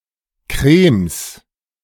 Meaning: plural of Krem
- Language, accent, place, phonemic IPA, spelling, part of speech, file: German, Germany, Berlin, /kʁeːms/, Krems, noun, De-Krems.ogg